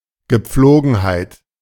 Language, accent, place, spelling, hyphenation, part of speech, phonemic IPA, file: German, Germany, Berlin, Gepflogenheit, Ge‧pflo‧gen‧heit, noun, /ɡəˈp͡floːɡn̩haɪ̯t/, De-Gepflogenheit.ogg
- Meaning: habit (action done on a regular basis)